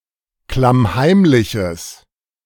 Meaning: strong/mixed nominative/accusative neuter singular of klammheimlich
- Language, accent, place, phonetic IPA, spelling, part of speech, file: German, Germany, Berlin, [klamˈhaɪ̯mlɪçəs], klammheimliches, adjective, De-klammheimliches.ogg